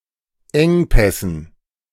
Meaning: dative plural of Engpass
- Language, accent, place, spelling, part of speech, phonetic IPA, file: German, Germany, Berlin, Engpässen, noun, [ˈɛŋˌpɛsn̩], De-Engpässen.ogg